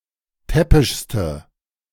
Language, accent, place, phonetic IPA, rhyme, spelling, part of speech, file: German, Germany, Berlin, [ˈtɛpɪʃstə], -ɛpɪʃstə, täppischste, adjective, De-täppischste.ogg
- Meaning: inflection of täppisch: 1. strong/mixed nominative/accusative feminine singular superlative degree 2. strong nominative/accusative plural superlative degree